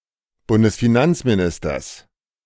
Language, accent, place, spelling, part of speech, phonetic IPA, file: German, Germany, Berlin, Bundesfinanzministers, noun, [ˌbʊndəsfiˈnant͡smiˌnɪstɐs], De-Bundesfinanzministers.ogg
- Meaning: genitive singular of Bundesfinanzminister